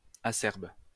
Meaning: 1. acerb (bitter to the taste) 2. harsh
- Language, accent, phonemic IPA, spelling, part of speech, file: French, France, /a.sɛʁb/, acerbe, adjective, LL-Q150 (fra)-acerbe.wav